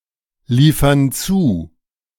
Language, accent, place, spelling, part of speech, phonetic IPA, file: German, Germany, Berlin, liefern zu, verb, [ˌliːfɐn ˈt͡suː], De-liefern zu.ogg
- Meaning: inflection of zuliefern: 1. first/third-person plural present 2. first/third-person plural subjunctive I